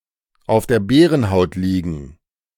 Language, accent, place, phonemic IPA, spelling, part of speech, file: German, Germany, Berlin, /aʊ̯f deːɐ̯ ˈbɛːʁənˌhaʊ̯t ˈliːɡn̩/, auf der Bärenhaut liegen, verb, De-auf der Bärenhaut liegen.ogg
- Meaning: to laze